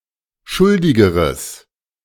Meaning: strong/mixed nominative/accusative neuter singular comparative degree of schuldig
- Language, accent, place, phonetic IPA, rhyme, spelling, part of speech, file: German, Germany, Berlin, [ˈʃʊldɪɡəʁəs], -ʊldɪɡəʁəs, schuldigeres, adjective, De-schuldigeres.ogg